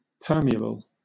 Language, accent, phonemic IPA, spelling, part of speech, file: English, Southern England, /ˈpɜːmiəbəl/, permeable, adjective, LL-Q1860 (eng)-permeable.wav
- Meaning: Able to be permeated; absorbing or allowing the passage of fluids